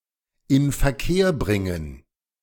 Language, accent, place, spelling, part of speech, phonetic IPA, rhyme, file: German, Germany, Berlin, Inverkehrbringen, noun, [ɪnfɛɐ̯ˈkeːɐ̯ˌbʁɪŋən], -eːɐ̯bʁɪŋən, De-Inverkehrbringen.ogg
- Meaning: 1. marketing 2. putting into circulation 3. placing on the market 4. circulating (money)